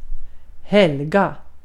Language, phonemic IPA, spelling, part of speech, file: Swedish, /ˈhɛlˌɡa/, helga, verb, Sv-helga.ogg
- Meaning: to hallow, to keep holy, to sanctify